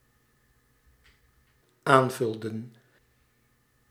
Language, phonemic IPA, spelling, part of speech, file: Dutch, /ˈaɱvʏldə(n)/, aanvulden, verb, Nl-aanvulden.ogg
- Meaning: inflection of aanvullen: 1. plural dependent-clause past indicative 2. plural dependent-clause past subjunctive